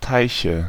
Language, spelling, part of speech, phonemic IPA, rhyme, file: German, Teiche, noun, /ˈtaɪ̯çə/, -aɪ̯çə, De-Teiche.ogg
- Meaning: nominative/accusative/genitive plural of Teich "ponds"